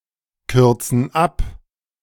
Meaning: inflection of abkürzen: 1. first/third-person plural present 2. first/third-person plural subjunctive I
- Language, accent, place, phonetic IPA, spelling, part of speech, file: German, Germany, Berlin, [ˌkʏʁt͡sn̩ ˈap], kürzen ab, verb, De-kürzen ab.ogg